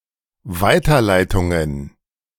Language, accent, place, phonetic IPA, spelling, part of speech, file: German, Germany, Berlin, [ˈvaɪ̯tɐˌlaɪ̯tʊŋən], Weiterleitungen, noun, De-Weiterleitungen.ogg
- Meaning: plural of Weiterleitung